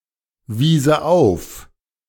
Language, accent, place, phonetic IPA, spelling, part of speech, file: German, Germany, Berlin, [ˌviːzə ˈaʊ̯f], wiese auf, verb, De-wiese auf.ogg
- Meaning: first/third-person singular subjunctive II of aufweisen